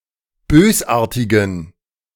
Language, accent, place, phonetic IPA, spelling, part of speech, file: German, Germany, Berlin, [ˈbøːsˌʔaːɐ̯tɪɡn̩], bösartigen, adjective, De-bösartigen.ogg
- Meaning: inflection of bösartig: 1. strong genitive masculine/neuter singular 2. weak/mixed genitive/dative all-gender singular 3. strong/weak/mixed accusative masculine singular 4. strong dative plural